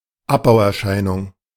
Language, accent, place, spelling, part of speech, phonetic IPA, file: German, Germany, Berlin, Abbauerscheinung, noun, [ˈapbaʊ̯ʔɛɐ̯ˌʃaɪ̯nʊŋ], De-Abbauerscheinung.ogg
- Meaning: degenerative change